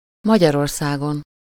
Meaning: superessive singular of Magyarország
- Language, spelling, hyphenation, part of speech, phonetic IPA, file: Hungarian, Magyarországon, Ma‧gyar‧or‧szá‧gon, proper noun, [ˈmɒɟɒrorsaːɡon], Hu-Magyarországon.ogg